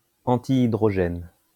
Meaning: antihydrogen
- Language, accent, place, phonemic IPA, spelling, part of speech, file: French, France, Lyon, /ɑ̃.ti.i.dʁɔ.ʒɛn/, antihydrogène, noun, LL-Q150 (fra)-antihydrogène.wav